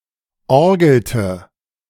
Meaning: inflection of orgeln: 1. first/third-person singular preterite 2. first/third-person singular subjunctive II
- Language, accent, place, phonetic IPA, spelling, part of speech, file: German, Germany, Berlin, [ˈɔʁɡl̩tə], orgelte, verb, De-orgelte.ogg